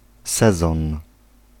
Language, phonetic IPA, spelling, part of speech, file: Polish, [ˈsɛzɔ̃n], sezon, noun, Pl-sezon.ogg